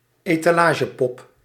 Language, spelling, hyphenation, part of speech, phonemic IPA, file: Dutch, etalagepop, eta‧la‧ge‧pop, noun, /eː.taːˈlaː.ʒəˌpɔp/, Nl-etalagepop.ogg
- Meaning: mannequin, especially one that is used on a storefront window